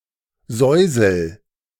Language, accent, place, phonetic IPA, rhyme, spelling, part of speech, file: German, Germany, Berlin, [ˈzɔɪ̯zl̩], -ɔɪ̯zl̩, säusel, verb, De-säusel.ogg
- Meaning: inflection of säuseln: 1. first-person singular present 2. singular imperative